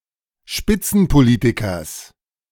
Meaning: genitive singular of Spitzenpolitiker
- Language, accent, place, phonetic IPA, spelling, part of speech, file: German, Germany, Berlin, [ˈʃpɪt͡sn̩poˌliːtɪkɐs], Spitzenpolitikers, noun, De-Spitzenpolitikers.ogg